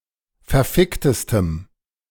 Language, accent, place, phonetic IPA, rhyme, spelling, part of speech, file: German, Germany, Berlin, [fɛɐ̯ˈfɪktəstəm], -ɪktəstəm, verficktestem, adjective, De-verficktestem.ogg
- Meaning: strong dative masculine/neuter singular superlative degree of verfickt